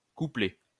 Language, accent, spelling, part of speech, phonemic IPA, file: French, France, couplet, noun, /ku.plɛ/, LL-Q150 (fra)-couplet.wav
- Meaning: 1. verse 2. couplet